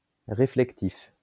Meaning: reflective (all senses)
- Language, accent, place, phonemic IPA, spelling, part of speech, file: French, France, Lyon, /ʁe.flɛk.tif/, réflectif, adjective, LL-Q150 (fra)-réflectif.wav